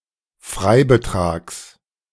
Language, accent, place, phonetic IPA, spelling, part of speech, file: German, Germany, Berlin, [ˈfʁaɪ̯bəˌtʁaːks], Freibetrags, noun, De-Freibetrags.ogg
- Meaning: genitive singular of Freibetrag